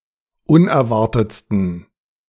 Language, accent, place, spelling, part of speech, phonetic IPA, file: German, Germany, Berlin, unerwartetsten, adjective, [ˈʊnɛɐ̯ˌvaʁtət͡stn̩], De-unerwartetsten.ogg
- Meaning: 1. superlative degree of unerwartet 2. inflection of unerwartet: strong genitive masculine/neuter singular superlative degree